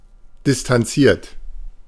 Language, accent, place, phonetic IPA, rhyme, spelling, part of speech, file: German, Germany, Berlin, [dɪstanˈt͡siːɐ̯t], -iːɐ̯t, distanziert, verb, De-distanziert.ogg
- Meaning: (verb) past participle of distanzieren; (adjective) aloof; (verb) inflection of distanzieren: 1. second-person plural present 2. third-person singular present 3. plural imperative